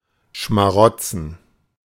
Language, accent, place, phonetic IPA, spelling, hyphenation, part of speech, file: German, Germany, Berlin, [ʃmaˈʁɔt͡sn̩], schmarotzen, schma‧rot‧zen, verb, De-schmarotzen.ogg
- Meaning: 1. to sponge, to freeload 2. to parasitize